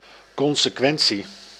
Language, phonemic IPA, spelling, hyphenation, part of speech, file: Dutch, /ˌkɔn.səˈkʋɛn.(t)si/, consequentie, con‧se‧quen‧tie, noun, Nl-consequentie.ogg
- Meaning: consequence, result